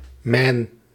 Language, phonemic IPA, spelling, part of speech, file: Dutch, /mɛn/, Man, proper noun, Nl-Man.ogg
- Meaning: Man, Isle of Man (an island and Crown dependency of the United Kingdom in the Irish Sea)